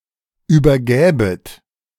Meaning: second-person plural subjunctive II of übergeben
- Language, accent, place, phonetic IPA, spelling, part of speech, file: German, Germany, Berlin, [ˌyːbɐˈɡɛːbət], übergäbet, verb, De-übergäbet.ogg